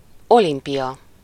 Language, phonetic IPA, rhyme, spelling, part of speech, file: Hungarian, [ˈolimpijɒ], -jɒ, olimpia, noun, Hu-olimpia.ogg
- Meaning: Olympics